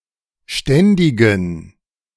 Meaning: inflection of ständig: 1. strong genitive masculine/neuter singular 2. weak/mixed genitive/dative all-gender singular 3. strong/weak/mixed accusative masculine singular 4. strong dative plural
- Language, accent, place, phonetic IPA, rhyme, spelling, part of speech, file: German, Germany, Berlin, [ˈʃtɛndɪɡn̩], -ɛndɪɡn̩, ständigen, adjective, De-ständigen.ogg